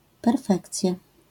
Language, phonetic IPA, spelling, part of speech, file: Polish, [pɛrˈfɛkt͡sʲja], perfekcja, noun, LL-Q809 (pol)-perfekcja.wav